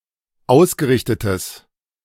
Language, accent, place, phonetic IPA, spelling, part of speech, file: German, Germany, Berlin, [ˈaʊ̯sɡəˌʁɪçtətəs], ausgerichtetes, adjective, De-ausgerichtetes.ogg
- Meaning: strong/mixed nominative/accusative neuter singular of ausgerichtet